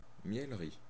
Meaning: honey house
- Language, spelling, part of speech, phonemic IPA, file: French, miellerie, noun, /mjɛl.ʁi/, Fr-miellerie.ogg